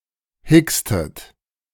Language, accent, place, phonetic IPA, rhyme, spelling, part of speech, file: German, Germany, Berlin, [ˈhɪkstət], -ɪkstət, hickstet, verb, De-hickstet.ogg
- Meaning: inflection of hicksen: 1. second-person plural preterite 2. second-person plural subjunctive II